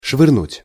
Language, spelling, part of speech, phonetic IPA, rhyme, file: Russian, швырнуть, verb, [ʂvɨrˈnutʲ], -utʲ, Ru-швырнуть.ogg
- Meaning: 1. to toss, to hurl, to throw, to chuck 2. to put things in disorder, to not where they belong (e.g. clothing) 3. to fling (money)